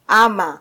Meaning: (conjunction) or; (interjection) Used to express surprise or shock: oh! is that so?; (verb) 1. to add to 2. to lie on, to rest on
- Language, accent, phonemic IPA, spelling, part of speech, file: Swahili, Kenya, /ˈɑ.mɑ/, ama, conjunction / interjection / verb, Sw-ke-ama.flac